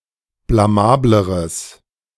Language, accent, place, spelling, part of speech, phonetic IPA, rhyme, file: German, Germany, Berlin, blamableres, adjective, [blaˈmaːbləʁəs], -aːbləʁəs, De-blamableres.ogg
- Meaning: strong/mixed nominative/accusative neuter singular comparative degree of blamabel